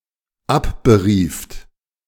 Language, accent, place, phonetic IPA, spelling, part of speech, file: German, Germany, Berlin, [ˈapbəˌʁiːft], abberieft, verb, De-abberieft.ogg
- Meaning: second-person plural dependent preterite of abberufen